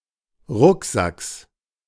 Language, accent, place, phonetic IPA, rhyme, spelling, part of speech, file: German, Germany, Berlin, [ˈʁʊkˌzaks], -ʊkzaks, Rucksacks, noun, De-Rucksacks.ogg
- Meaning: genitive singular of Rucksack